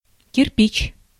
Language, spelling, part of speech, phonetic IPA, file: Russian, кирпич, noun, [kʲɪrˈpʲit͡ɕ], Ru-кирпич.ogg
- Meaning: 1. brick 2. no entry traffic sign